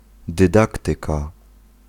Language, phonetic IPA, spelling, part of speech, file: Polish, [dɨˈdaktɨka], dydaktyka, noun, Pl-dydaktyka.ogg